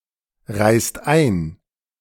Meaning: inflection of einreisen: 1. second-person singular/plural present 2. third-person singular present 3. plural imperative
- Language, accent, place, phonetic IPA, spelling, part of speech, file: German, Germany, Berlin, [ˌʁaɪ̯st ˈaɪ̯n], reist ein, verb, De-reist ein.ogg